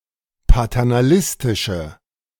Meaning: inflection of paternalistisch: 1. strong/mixed nominative/accusative feminine singular 2. strong nominative/accusative plural 3. weak nominative all-gender singular
- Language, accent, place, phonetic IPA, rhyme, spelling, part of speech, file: German, Germany, Berlin, [patɛʁnaˈlɪstɪʃə], -ɪstɪʃə, paternalistische, adjective, De-paternalistische.ogg